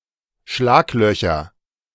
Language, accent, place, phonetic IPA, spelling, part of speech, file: German, Germany, Berlin, [ˈʃlaːkˌlœçɐ], Schlaglöcher, noun, De-Schlaglöcher.ogg
- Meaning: nominative/accusative/genitive plural of Schlagloch